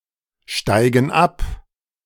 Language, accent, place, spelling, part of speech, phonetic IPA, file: German, Germany, Berlin, steigen ab, verb, [ˌʃtaɪ̯ɡn̩ ˈap], De-steigen ab.ogg
- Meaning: inflection of absteigen: 1. first/third-person plural present 2. first/third-person plural subjunctive I